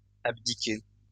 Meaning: inflection of abdiquer: 1. second-person plural present indicative 2. second-person plural imperative
- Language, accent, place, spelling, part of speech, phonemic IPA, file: French, France, Lyon, abdiquez, verb, /ab.di.ke/, LL-Q150 (fra)-abdiquez.wav